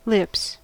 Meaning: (noun) plural of lip; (verb) 1. third-person singular simple present indicative of lip 2. To kiss (passionately), to smooch
- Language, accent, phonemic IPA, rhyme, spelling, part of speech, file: English, US, /lɪps/, -ɪps, lips, noun / verb, En-us-lips.ogg